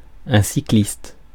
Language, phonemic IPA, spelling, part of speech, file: French, /si.klist/, cycliste, noun, Fr-cycliste.ogg
- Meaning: cyclist (someone who rides a bicycle)